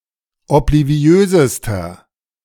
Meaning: inflection of obliviös: 1. strong/mixed nominative masculine singular superlative degree 2. strong genitive/dative feminine singular superlative degree 3. strong genitive plural superlative degree
- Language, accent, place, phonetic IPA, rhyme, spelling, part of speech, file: German, Germany, Berlin, [ɔpliˈvi̯øːzəstɐ], -øːzəstɐ, obliviösester, adjective, De-obliviösester.ogg